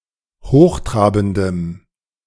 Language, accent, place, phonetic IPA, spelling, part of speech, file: German, Germany, Berlin, [ˈhoːxˌtʁaːbn̩dəm], hochtrabendem, adjective, De-hochtrabendem.ogg
- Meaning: strong dative masculine/neuter singular of hochtrabend